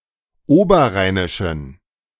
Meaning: inflection of oberrheinisch: 1. strong genitive masculine/neuter singular 2. weak/mixed genitive/dative all-gender singular 3. strong/weak/mixed accusative masculine singular 4. strong dative plural
- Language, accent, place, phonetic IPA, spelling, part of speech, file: German, Germany, Berlin, [ˈoːbɐˌʁaɪ̯nɪʃn̩], oberrheinischen, adjective, De-oberrheinischen.ogg